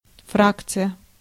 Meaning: 1. faction (inside a political party) 2. group (in a parliament) 3. fraction
- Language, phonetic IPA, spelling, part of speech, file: Russian, [ˈfrakt͡sɨjə], фракция, noun, Ru-фракция.ogg